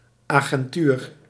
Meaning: agency, institute
- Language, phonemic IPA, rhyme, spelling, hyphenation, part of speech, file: Dutch, /ˌaː.ɣɛnˈtyːr/, -yːr, agentuur, agen‧tuur, noun, Nl-agentuur.ogg